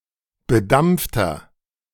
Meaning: inflection of bedampft: 1. strong/mixed nominative masculine singular 2. strong genitive/dative feminine singular 3. strong genitive plural
- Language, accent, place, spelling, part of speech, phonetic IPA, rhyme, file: German, Germany, Berlin, bedampfter, adjective, [bəˈdamp͡ftɐ], -amp͡ftɐ, De-bedampfter.ogg